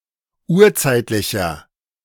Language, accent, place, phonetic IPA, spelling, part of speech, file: German, Germany, Berlin, [ˈuːɐ̯ˌt͡saɪ̯tlɪçɐ], urzeitlicher, adjective, De-urzeitlicher.ogg
- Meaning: inflection of urzeitlich: 1. strong/mixed nominative masculine singular 2. strong genitive/dative feminine singular 3. strong genitive plural